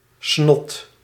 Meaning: snot, nasal mucus
- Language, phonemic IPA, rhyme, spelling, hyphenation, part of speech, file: Dutch, /snɔt/, -ɔt, snot, snot, noun, Nl-snot.ogg